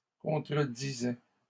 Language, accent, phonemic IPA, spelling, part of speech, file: French, Canada, /kɔ̃.tʁə.di.zɛ/, contredisais, verb, LL-Q150 (fra)-contredisais.wav
- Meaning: first/second-person singular imperfect indicative of contredire